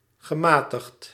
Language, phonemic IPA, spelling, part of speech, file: Dutch, /ɣəˈmaː.təxt/, gematigd, adjective / verb, Nl-gematigd.ogg
- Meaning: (adjective) moderate, liberal; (verb) past participle of matigen